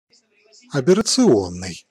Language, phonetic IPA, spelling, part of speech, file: Russian, [ɐbʲɪrət͡sɨˈonːɨj], аберрационный, adjective, Ru-аберрационный.ogg
- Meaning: aberrant